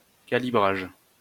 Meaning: calibration
- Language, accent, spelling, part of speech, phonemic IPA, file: French, France, calibrage, noun, /ka.li.bʁaʒ/, LL-Q150 (fra)-calibrage.wav